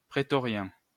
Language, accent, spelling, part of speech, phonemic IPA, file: French, France, prétorien, adjective, /pʁe.tɔ.ʁjɛ̃/, LL-Q150 (fra)-prétorien.wav
- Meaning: Praetorian, praetorian